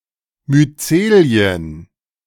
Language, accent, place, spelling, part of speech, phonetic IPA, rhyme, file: German, Germany, Berlin, Myzelien, noun, [myˈt͡seːli̯ən], -eːli̯ən, De-Myzelien.ogg
- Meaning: plural of Myzel